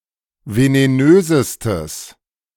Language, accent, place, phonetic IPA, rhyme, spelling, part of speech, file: German, Germany, Berlin, [veneˈnøːzəstəs], -øːzəstəs, venenösestes, adjective, De-venenösestes.ogg
- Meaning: strong/mixed nominative/accusative neuter singular superlative degree of venenös